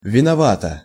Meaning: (adverb) guiltily; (adjective) short neuter singular of винова́тый (vinovátyj, “guilty”)
- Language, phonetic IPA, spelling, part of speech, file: Russian, [vʲɪnɐˈvatə], виновато, adverb / adjective, Ru-виновато.ogg